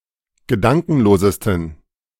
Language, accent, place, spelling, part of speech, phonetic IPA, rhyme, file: German, Germany, Berlin, gedankenlosesten, adjective, [ɡəˈdaŋkn̩loːzəstn̩], -aŋkn̩loːzəstn̩, De-gedankenlosesten.ogg
- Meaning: 1. superlative degree of gedankenlos 2. inflection of gedankenlos: strong genitive masculine/neuter singular superlative degree